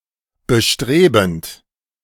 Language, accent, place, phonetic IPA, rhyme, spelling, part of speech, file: German, Germany, Berlin, [bəˈʃtʁeːbn̩t], -eːbn̩t, bestrebend, verb, De-bestrebend.ogg
- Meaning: present participle of bestreben